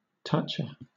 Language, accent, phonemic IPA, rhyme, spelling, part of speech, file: English, Southern England, /ˈtʌt͡ʃə/, -ʌtʃə, toucha, noun, LL-Q1860 (eng)-toucha.wav
- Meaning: A person who tries to get something out of others for nothing in return